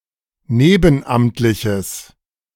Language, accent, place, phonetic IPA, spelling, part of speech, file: German, Germany, Berlin, [ˈneːbn̩ˌʔamtlɪçəs], nebenamtliches, adjective, De-nebenamtliches.ogg
- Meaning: strong/mixed nominative/accusative neuter singular of nebenamtlich